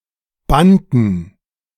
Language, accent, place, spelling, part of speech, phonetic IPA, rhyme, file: German, Germany, Berlin, bannten, verb, [ˈbantn̩], -antn̩, De-bannten.ogg
- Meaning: inflection of bannen: 1. first/third-person plural preterite 2. first/third-person plural subjunctive II